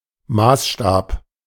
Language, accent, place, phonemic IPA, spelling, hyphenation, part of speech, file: German, Germany, Berlin, /ˈmaːsˌʃtaːp/, Maßstab, Maß‧stab, noun, De-Maßstab.ogg
- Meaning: 1. measuring rod, yardstick, rule 2. scale (of a map, model) 3. measure, standard, criterion, yardstick